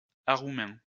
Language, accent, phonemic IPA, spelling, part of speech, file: French, France, /a.ʁu.mɛ̃/, aroumain, noun, LL-Q150 (fra)-aroumain.wav
- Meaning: Aromanian language